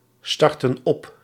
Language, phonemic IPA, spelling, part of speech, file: Dutch, /ˈstɑrtə(n) ˈɔp/, startten op, verb, Nl-startten op.ogg
- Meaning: inflection of opstarten: 1. plural past indicative 2. plural past subjunctive